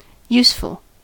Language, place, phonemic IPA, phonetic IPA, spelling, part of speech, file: English, California, /ˈjusfəl/, [ˈjusfɫ̩], useful, adjective, En-us-useful.ogg
- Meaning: Having a practical or beneficial use